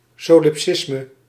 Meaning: solipsism
- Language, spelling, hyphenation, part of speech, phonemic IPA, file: Dutch, solipsisme, so‧lip‧sis‧me, noun, /sɔ.lɪpˈsɪs.mə/, Nl-solipsisme.ogg